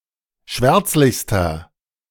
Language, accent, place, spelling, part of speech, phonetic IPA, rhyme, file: German, Germany, Berlin, schwärzlichster, adjective, [ˈʃvɛʁt͡slɪçstɐ], -ɛʁt͡slɪçstɐ, De-schwärzlichster.ogg
- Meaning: inflection of schwärzlich: 1. strong/mixed nominative masculine singular superlative degree 2. strong genitive/dative feminine singular superlative degree 3. strong genitive plural superlative degree